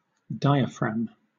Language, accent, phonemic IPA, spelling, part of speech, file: English, Southern England, /ˈdaɪəˌfɹæm/, diaphragm, noun / verb, LL-Q1860 (eng)-diaphragm.wav
- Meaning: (noun) In mammals, a sheet of muscle separating the thorax from the abdomen, contracted and relaxed in respiration to draw air into and expel air from the lungs